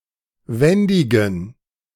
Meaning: inflection of wendig: 1. strong genitive masculine/neuter singular 2. weak/mixed genitive/dative all-gender singular 3. strong/weak/mixed accusative masculine singular 4. strong dative plural
- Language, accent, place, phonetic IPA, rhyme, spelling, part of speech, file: German, Germany, Berlin, [ˈvɛndɪɡn̩], -ɛndɪɡn̩, wendigen, adjective, De-wendigen.ogg